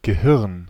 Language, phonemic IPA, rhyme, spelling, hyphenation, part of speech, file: German, /ɡəˈhɪʁn/, -ɪʁn, Gehirn, Ge‧hirn, noun, De-Gehirn.ogg
- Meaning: brain